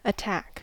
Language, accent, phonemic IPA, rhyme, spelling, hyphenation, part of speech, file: English, General American, /əˈtæk/, -æk, attack, at‧tack, noun / verb / adjective, En-us-attack.ogg
- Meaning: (noun) An attempt to cause damage, injury to, or death of an opponent or enemy